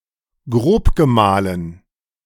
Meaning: coarsely-ground
- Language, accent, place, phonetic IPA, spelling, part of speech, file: German, Germany, Berlin, [ˈɡʁoːpɡəˌmaːlən], grobgemahlen, adjective, De-grobgemahlen.ogg